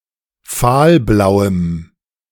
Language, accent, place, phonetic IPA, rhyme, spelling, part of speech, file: German, Germany, Berlin, [ˈfaːlˌblaʊ̯əm], -aːlblaʊ̯əm, fahlblauem, adjective, De-fahlblauem.ogg
- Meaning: strong dative masculine/neuter singular of fahlblau